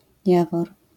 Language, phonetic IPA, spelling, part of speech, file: Polish, [ˈjavɔr], Jawor, proper noun, LL-Q809 (pol)-Jawor.wav